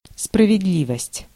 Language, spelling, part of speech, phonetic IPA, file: Russian, справедливость, noun, [sprəvʲɪdˈlʲivəsʲtʲ], Ru-справедливость.ogg
- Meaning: 1. justice, fairness 2. truth